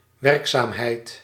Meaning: 1. activity, operation 2. efficacy, efficaciousness 3. diligence
- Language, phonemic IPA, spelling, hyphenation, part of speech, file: Dutch, /ˈʋɛrk.saːm.ɦɛi̯t/, werkzaamheid, werk‧zaam‧heid, noun, Nl-werkzaamheid.ogg